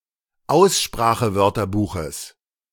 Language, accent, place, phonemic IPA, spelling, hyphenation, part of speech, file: German, Germany, Berlin, /ˈaʊ̯sʃpʁaːxəˌvœʁtɐbuːxəs/, Aussprachewörterbuches, Aus‧spra‧che‧wör‧ter‧bu‧ches, noun, De-Aussprachewörterbuches.ogg
- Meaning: genitive singular of Aussprachewörterbuch